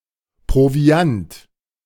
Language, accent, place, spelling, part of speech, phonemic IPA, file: German, Germany, Berlin, Proviant, noun, /pʁoˈvi̯ant/, De-Proviant.ogg
- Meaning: provisions